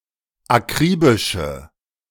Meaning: inflection of akribisch: 1. strong/mixed nominative/accusative feminine singular 2. strong nominative/accusative plural 3. weak nominative all-gender singular
- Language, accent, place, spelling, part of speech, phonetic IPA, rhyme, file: German, Germany, Berlin, akribische, adjective, [aˈkʁiːbɪʃə], -iːbɪʃə, De-akribische.ogg